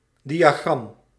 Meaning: diagram
- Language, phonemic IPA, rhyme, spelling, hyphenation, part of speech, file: Dutch, /ˌdi.aːˈɣrɑm/, -ɑm, diagram, di‧a‧gram, noun, Nl-diagram.ogg